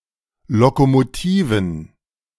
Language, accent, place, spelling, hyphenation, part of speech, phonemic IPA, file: German, Germany, Berlin, Lokomotiven, Lo‧ko‧mo‧ti‧ven, noun, /lokomoˌtiːvən/, De-Lokomotiven.ogg
- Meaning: plural of Lokomotive